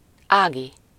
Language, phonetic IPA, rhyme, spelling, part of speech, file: Hungarian, [ˈaːɡi], -ɡi, Ági, proper noun, Hu-Ági.ogg
- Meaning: a diminutive of the female given name Ágnes